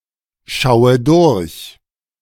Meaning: inflection of durchschauen: 1. first-person singular present 2. first/third-person singular subjunctive I 3. singular imperative
- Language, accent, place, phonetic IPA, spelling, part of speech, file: German, Germany, Berlin, [ˌʃaʊ̯ə ˈdʊʁç], schaue durch, verb, De-schaue durch.ogg